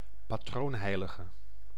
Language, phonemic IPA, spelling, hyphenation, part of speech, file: Dutch, /paːˈtroːnˌɦɛi̯.lə.ɣə/, patroonheilige, pa‧troon‧hei‧li‧ge, noun, Nl-patroonheilige.ogg
- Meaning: patron saint